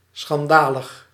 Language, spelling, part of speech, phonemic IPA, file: Dutch, schandalig, adjective, /sxɑnˈdaləx/, Nl-schandalig.ogg
- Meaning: 1. scandalous, shameful 2. outrageous